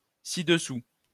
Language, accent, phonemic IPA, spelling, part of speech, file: French, France, /si.d(ə).su/, ci-dessous, adverb, LL-Q150 (fra)-ci-dessous.wav
- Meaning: below, underneath (under this point)